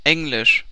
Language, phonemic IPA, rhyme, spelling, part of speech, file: German, /ˈɛŋ.lɪʃ/, -ɪʃ, englisch, adjective, CPIDL German - Englisch.ogg
- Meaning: 1. English 2. rare 3. angelic, angelical